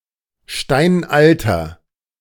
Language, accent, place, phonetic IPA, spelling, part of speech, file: German, Germany, Berlin, [ˈʃtaɪ̯nʔaltɐ], steinalter, adjective, De-steinalter.ogg
- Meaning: inflection of steinalt: 1. strong/mixed nominative masculine singular 2. strong genitive/dative feminine singular 3. strong genitive plural